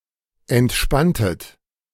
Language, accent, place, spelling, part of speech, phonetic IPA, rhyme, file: German, Germany, Berlin, entspanntet, verb, [ɛntˈʃpantət], -antət, De-entspanntet.ogg
- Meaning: inflection of entspannen: 1. second-person plural preterite 2. second-person plural subjunctive II